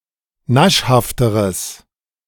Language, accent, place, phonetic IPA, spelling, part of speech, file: German, Germany, Berlin, [ˈnaʃhaftəʁəs], naschhafteres, adjective, De-naschhafteres.ogg
- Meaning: strong/mixed nominative/accusative neuter singular comparative degree of naschhaft